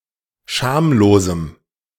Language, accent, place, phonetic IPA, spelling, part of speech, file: German, Germany, Berlin, [ˈʃaːmloːzm̩], schamlosem, adjective, De-schamlosem.ogg
- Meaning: strong dative masculine/neuter singular of schamlos